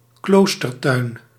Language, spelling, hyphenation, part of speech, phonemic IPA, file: Dutch, kloostertuin, kloos‧ter‧tuin, noun, /ˈkloːs.tərˌtœy̯n/, Nl-kloostertuin.ogg
- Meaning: a convent garden, a monastery garden